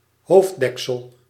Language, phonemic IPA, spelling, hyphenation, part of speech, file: Dutch, /ˈɦoːfˌdɛk.səl/, hoofddeksel, hoofd‧dek‧sel, noun, Nl-hoofddeksel.ogg
- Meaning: a headgear, object worn as headdress